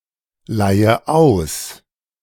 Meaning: inflection of ausleihen: 1. first-person singular present 2. first/third-person singular subjunctive I 3. singular imperative
- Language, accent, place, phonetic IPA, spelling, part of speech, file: German, Germany, Berlin, [ˌlaɪ̯ə ˈaʊ̯s], leihe aus, verb, De-leihe aus.ogg